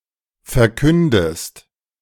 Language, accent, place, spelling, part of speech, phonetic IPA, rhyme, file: German, Germany, Berlin, verkündest, verb, [fɛɐ̯ˈkʏndəst], -ʏndəst, De-verkündest.ogg
- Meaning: inflection of verkünden: 1. second-person singular present 2. second-person singular subjunctive I